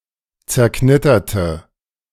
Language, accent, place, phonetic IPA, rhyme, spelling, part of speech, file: German, Germany, Berlin, [t͡sɛɐ̯ˈknɪtɐtə], -ɪtɐtə, zerknitterte, adjective / verb, De-zerknitterte.ogg
- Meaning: inflection of zerknittert: 1. strong/mixed nominative/accusative feminine singular 2. strong nominative/accusative plural 3. weak nominative all-gender singular